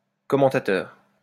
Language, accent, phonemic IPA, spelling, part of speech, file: French, France, /kɔ.mɑ̃.ta.tœʁ/, commentateur, noun, LL-Q150 (fra)-commentateur.wav
- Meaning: commentator